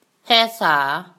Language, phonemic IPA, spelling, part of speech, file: Tavoyan, /haisa/, ဟယ်ဆာ, noun, ဟယ်ဆာ.wav
- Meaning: what